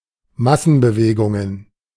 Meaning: plural of Massenbewegung
- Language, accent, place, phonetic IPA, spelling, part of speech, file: German, Germany, Berlin, [ˈmasn̩bəˌveːɡʊŋən], Massenbewegungen, noun, De-Massenbewegungen.ogg